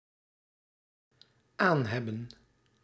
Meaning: to have on, to wear (clothing)
- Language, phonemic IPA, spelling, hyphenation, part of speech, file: Dutch, /ˈaːnˌɦɛbə(n)/, aanhebben, aan‧heb‧ben, verb, Nl-aanhebben.ogg